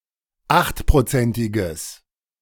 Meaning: strong/mixed nominative/accusative neuter singular of achtprozentig
- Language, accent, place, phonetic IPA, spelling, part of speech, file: German, Germany, Berlin, [ˈaxtpʁoˌt͡sɛntɪɡəs], achtprozentiges, adjective, De-achtprozentiges.ogg